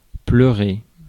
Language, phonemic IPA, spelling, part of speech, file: French, /plœ.ʁe/, pleurer, verb, Fr-pleurer.ogg
- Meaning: 1. to cry, to weep; to shed tears 2. to mourn, to cry for